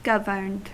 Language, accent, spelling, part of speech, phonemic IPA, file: English, US, governed, verb, /ˈɡəvɚnd/, En-us-governed.ogg
- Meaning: simple past and past participle of govern